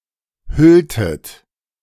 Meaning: inflection of hüllen: 1. second-person plural preterite 2. second-person plural subjunctive II
- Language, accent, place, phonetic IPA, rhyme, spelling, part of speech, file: German, Germany, Berlin, [ˈhʏltət], -ʏltət, hülltet, verb, De-hülltet.ogg